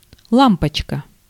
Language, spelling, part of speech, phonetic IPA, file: Russian, лампочка, noun, [ˈɫampət͡ɕkə], Ru-лампочка.ogg
- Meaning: 1. diminutive of ла́мпа (lámpa) 2. light bulb